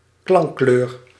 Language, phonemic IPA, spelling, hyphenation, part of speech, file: Dutch, /ˈklɑŋ.kløːr/, klankkleur, klank‧kleur, noun, Nl-klankkleur.ogg
- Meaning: timbre